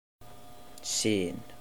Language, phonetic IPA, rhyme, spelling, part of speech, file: Icelandic, [ˈsɪːn], -ɪːn, sin, noun, Is-sin.oga
- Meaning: 1. sinew, tendon 2. penis